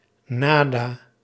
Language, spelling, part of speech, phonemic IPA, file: Dutch, nada, pronoun, /naː.daː/, Nl-nada.ogg
- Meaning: nothing